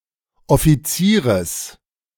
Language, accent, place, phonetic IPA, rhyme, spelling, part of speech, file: German, Germany, Berlin, [ɔfiˈt͡siːʁəs], -iːʁəs, Offizieres, noun, De-Offizieres.ogg
- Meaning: genitive singular of Offizier